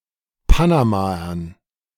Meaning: dative plural of Panamaer
- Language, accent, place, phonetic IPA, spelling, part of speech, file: German, Germany, Berlin, [ˈpanamaɐn], Panamaern, noun, De-Panamaern.ogg